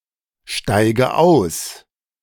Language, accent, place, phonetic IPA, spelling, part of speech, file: German, Germany, Berlin, [ˌʃtaɪ̯ɡə ˈaʊ̯s], steige aus, verb, De-steige aus.ogg
- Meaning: inflection of aussteigen: 1. first-person singular present 2. first/third-person singular subjunctive I 3. singular imperative